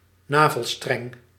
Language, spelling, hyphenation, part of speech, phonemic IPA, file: Dutch, navelstreng, na‧vel‧streng, noun, /ˈnaː.vəlˌstrɛŋ/, Nl-navelstreng.ogg
- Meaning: umbilical cord